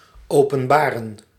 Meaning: to reveal
- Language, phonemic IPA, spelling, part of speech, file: Dutch, /ˌoː.pə(n)ˈbaː.rə(n)/, openbaren, verb, Nl-openbaren.ogg